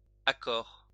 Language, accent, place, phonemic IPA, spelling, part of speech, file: French, France, Lyon, /a.kɔʁ/, accort, adjective, LL-Q150 (fra)-accort.wav
- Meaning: cheerful, accommodating; comely